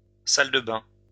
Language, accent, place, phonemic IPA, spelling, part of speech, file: French, France, Lyon, /sal də bɛ̃/, salle de bain, noun, LL-Q150 (fra)-salle de bain.wav
- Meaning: 1. bathroom (room containing a bath where one can bathe) 2. bathroom (room containing a toilet)